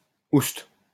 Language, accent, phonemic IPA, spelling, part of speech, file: French, France, /ust/, ouste, interjection, LL-Q150 (fra)-ouste.wav
- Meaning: shoo, begone, hop it!